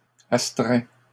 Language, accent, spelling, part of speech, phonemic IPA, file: French, Canada, astreins, verb, /as.tʁɛ̃/, LL-Q150 (fra)-astreins.wav
- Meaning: inflection of astreindre: 1. first/second-person singular present indicative 2. second-person singular imperative